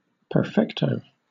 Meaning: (adjective) Perfect, excellent, brilliant; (noun) 1. A large, tapered cigar 2. In baseball or bowling, a perfect game
- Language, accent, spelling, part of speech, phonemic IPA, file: English, Southern England, perfecto, adjective / noun, /pə(ɹ)ˈfɛktəʊ/, LL-Q1860 (eng)-perfecto.wav